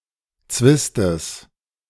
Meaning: genitive of Zwist
- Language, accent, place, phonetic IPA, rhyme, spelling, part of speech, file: German, Germany, Berlin, [ˈt͡svɪstəs], -ɪstəs, Zwistes, noun, De-Zwistes.ogg